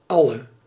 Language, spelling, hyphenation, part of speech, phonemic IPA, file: Dutch, alle, al‧le, determiner / pronoun, /ˈɑ.lə/, Nl-alle.ogg
- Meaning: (determiner) inflection of al: 1. masculine/feminine singular attributive 2. definite neuter singular attributive 3. plural attributive; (pronoun) all (every individual of the given class)